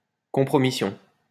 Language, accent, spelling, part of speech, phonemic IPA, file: French, France, compromission, noun, /kɔ̃.pʁɔ.mi.sjɔ̃/, LL-Q150 (fra)-compromission.wav
- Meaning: compromising behaviour, compromise (prejudicial and dishonourable concession; surrender)